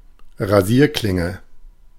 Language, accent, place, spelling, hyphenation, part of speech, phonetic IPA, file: German, Germany, Berlin, Rasierklinge, Ra‧sier‧klin‧ge, noun, [ʁaˈziːɐ̯klɪŋə], De-Rasierklinge.ogg
- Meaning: razor blade